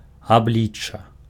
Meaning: 1. appearance, image 2. face, facial features
- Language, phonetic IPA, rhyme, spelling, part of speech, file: Belarusian, [aˈblʲit͡ʂːa], -it͡ʂːa, аблічча, noun, Be-аблічча.ogg